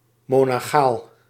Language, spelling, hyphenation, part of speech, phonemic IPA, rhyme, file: Dutch, monachaal, mo‧na‧chaal, adjective, /ˌmoː.nɑˈxaːl/, -aːl, Nl-monachaal.ogg
- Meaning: monachal, monastic